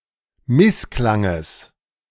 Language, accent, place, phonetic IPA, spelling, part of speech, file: German, Germany, Berlin, [ˈmɪsˌklaŋəs], Missklanges, noun, De-Missklanges.ogg
- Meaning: genitive of Missklang